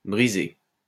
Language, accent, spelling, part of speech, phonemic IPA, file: French, France, brisées, verb, /bʁi.ze/, LL-Q150 (fra)-brisées.wav
- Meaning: feminine plural of brisé